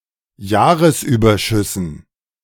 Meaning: dative plural of Jahresüberschuss
- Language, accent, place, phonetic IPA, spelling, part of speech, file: German, Germany, Berlin, [ˈjaːʁəsˌʔyːbɐʃʏsn̩], Jahresüberschüssen, noun, De-Jahresüberschüssen.ogg